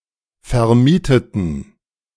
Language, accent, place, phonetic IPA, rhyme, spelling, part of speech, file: German, Germany, Berlin, [fɛɐ̯ˈmiːtətn̩], -iːtətn̩, vermieteten, adjective / verb, De-vermieteten.ogg
- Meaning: inflection of vermieten: 1. first/third-person plural preterite 2. first/third-person plural subjunctive II